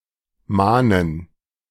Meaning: 1. to urge (someone) to do a specific, necessary task 2. to beg fervidly 3. to warn (someone) of (something) emphatically 4. to remind pressingly, admonish
- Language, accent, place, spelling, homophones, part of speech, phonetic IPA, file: German, Germany, Berlin, mahnen, Manen, verb, [ˈmaːnən], De-mahnen.ogg